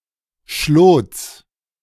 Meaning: genitive singular of Schlot
- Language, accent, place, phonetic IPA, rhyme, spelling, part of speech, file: German, Germany, Berlin, [ʃloːt͡s], -oːt͡s, Schlots, noun, De-Schlots.ogg